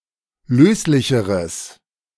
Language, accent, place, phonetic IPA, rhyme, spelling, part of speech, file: German, Germany, Berlin, [ˈløːslɪçəʁəs], -øːslɪçəʁəs, löslicheres, adjective, De-löslicheres.ogg
- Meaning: strong/mixed nominative/accusative neuter singular comparative degree of löslich